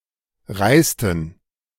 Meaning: inflection of reisen: 1. first/third-person plural preterite 2. first/third-person plural subjunctive II
- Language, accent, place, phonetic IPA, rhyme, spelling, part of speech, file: German, Germany, Berlin, [ˈʁaɪ̯stn̩], -aɪ̯stn̩, reisten, verb, De-reisten.ogg